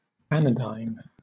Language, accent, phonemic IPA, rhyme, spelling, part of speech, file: English, Southern England, /ˈæn.ə.daɪn/, -aɪn, anodyne, adjective / noun, LL-Q1860 (eng)-anodyne.wav
- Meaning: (adjective) 1. Capable of soothing or eliminating pain 2. Soothing or relaxing 3. Noncontentious, blandly agreeable, unlikely to cause offence or debate